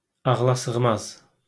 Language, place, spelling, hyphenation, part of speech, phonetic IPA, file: Azerbaijani, Baku, ağlasığmaz, ağ‧la‧sığ‧maz, adjective, [ɑɣɫɑsɯɣˈmɑz], LL-Q9292 (aze)-ağlasığmaz.wav
- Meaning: unbelievable